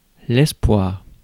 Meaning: 1. hope 2. boyfriend 3. girlfriend 4. fiancé, future husband 5. fiancée, future wife
- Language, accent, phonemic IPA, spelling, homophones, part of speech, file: French, France, /ɛs.pwaʁ/, espoir, espoirs, noun, Fr-espoir.ogg